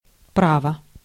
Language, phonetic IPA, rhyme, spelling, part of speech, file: Russian, [ˈpravə], -avə, право, noun / adverb / adjective, Ru-право.ogg
- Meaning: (noun) 1. right; claim 2. law, right 3. justice 4. driving licence; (adverb) indeed, really; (adjective) short neuter singular of пра́вый (právyj)